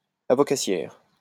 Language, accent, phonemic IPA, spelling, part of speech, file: French, France, /a.vɔ.ka.sjɛʁ/, avocassière, adjective, LL-Q150 (fra)-avocassière.wav
- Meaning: feminine singular of avocassier